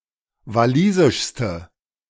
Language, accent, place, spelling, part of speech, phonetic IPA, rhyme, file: German, Germany, Berlin, walisischste, adjective, [vaˈliːzɪʃstə], -iːzɪʃstə, De-walisischste.ogg
- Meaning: inflection of walisisch: 1. strong/mixed nominative/accusative feminine singular superlative degree 2. strong nominative/accusative plural superlative degree